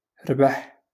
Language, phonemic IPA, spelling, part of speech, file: Moroccan Arabic, /rbaħ/, ربح, verb, LL-Q56426 (ary)-ربح.wav
- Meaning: to win, to gain; to profit